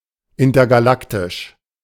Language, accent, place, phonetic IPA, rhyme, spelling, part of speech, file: German, Germany, Berlin, [ˌɪntɐɡaˈlaktɪʃ], -aktɪʃ, intergalaktisch, adjective, De-intergalaktisch.ogg
- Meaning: intergalactic